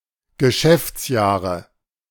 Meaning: nominative/accusative/genitive plural of Geschäftsjahr
- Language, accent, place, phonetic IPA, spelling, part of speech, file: German, Germany, Berlin, [ɡəˈʃɛft͡sˌjaːʁə], Geschäftsjahre, noun, De-Geschäftsjahre.ogg